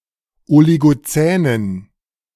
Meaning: inflection of oligozän: 1. strong genitive masculine/neuter singular 2. weak/mixed genitive/dative all-gender singular 3. strong/weak/mixed accusative masculine singular 4. strong dative plural
- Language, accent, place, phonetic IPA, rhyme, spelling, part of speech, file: German, Germany, Berlin, [oliɡoˈt͡sɛːnən], -ɛːnən, oligozänen, adjective, De-oligozänen.ogg